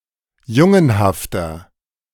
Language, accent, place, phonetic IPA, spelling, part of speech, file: German, Germany, Berlin, [ˈjʊŋənhaftɐ], jungenhafter, adjective, De-jungenhafter.ogg
- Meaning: 1. comparative degree of jungenhaft 2. inflection of jungenhaft: strong/mixed nominative masculine singular 3. inflection of jungenhaft: strong genitive/dative feminine singular